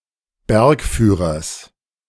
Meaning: genitive singular of Bergführer
- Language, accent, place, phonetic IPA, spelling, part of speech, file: German, Germany, Berlin, [ˈbɛʁkˌfyːʁɐs], Bergführers, noun, De-Bergführers.ogg